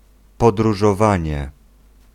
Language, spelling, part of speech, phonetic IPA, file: Polish, podróżowanie, noun, [ˌpɔdruʒɔˈvãɲɛ], Pl-podróżowanie.ogg